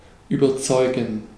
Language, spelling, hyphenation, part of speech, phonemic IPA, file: German, überzeugen, ü‧ber‧zeu‧gen, verb, /ˌyːbəʁˈtsɔʏ̯ɡən/, De-überzeugen.ogg
- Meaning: 1. to convince 2. to convince oneself 3. to be convincing, be impressive, stand out, win (people) over